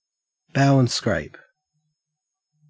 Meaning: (verb) To make a deep bow with the right leg drawn back (thus scraping the floor), left hand pressed across the abdomen, right arm held aside
- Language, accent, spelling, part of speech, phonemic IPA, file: English, Australia, bow and scrape, verb / noun, /ˌbaʊ ən ˈskɹeɪp/, En-au-bow and scrape.ogg